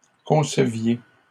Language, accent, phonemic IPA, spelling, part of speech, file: French, Canada, /kɔ̃.sə.vje/, conceviez, verb, LL-Q150 (fra)-conceviez.wav
- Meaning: inflection of concevoir: 1. second-person plural imperfect indicative 2. second-person plural present subjunctive